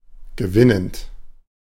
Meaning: present participle of gewinnen
- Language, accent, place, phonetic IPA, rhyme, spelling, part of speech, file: German, Germany, Berlin, [ɡəˈvɪnənt], -ɪnənt, gewinnend, adjective / verb, De-gewinnend.ogg